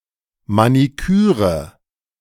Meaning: manicure
- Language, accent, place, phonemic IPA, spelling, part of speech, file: German, Germany, Berlin, /maniˈkyːʁə/, Maniküre, noun, De-Maniküre.ogg